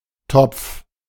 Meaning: 1. pot, jar (any flat-bottomed, usually open-topped vessel) 2. crock (earthenware jar) 3. cooking pot (flat-bottomed, open-topped vessel for cooking food)
- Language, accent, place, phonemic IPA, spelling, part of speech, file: German, Germany, Berlin, /tɔpf/, Topf, noun, De-Topf.ogg